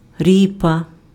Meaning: turnip
- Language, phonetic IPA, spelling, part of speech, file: Ukrainian, [ˈrʲipɐ], ріпа, noun, Uk-ріпа.ogg